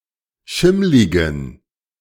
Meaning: inflection of schimmlig: 1. strong genitive masculine/neuter singular 2. weak/mixed genitive/dative all-gender singular 3. strong/weak/mixed accusative masculine singular 4. strong dative plural
- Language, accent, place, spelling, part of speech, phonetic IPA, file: German, Germany, Berlin, schimmligen, adjective, [ˈʃɪmlɪɡn̩], De-schimmligen.ogg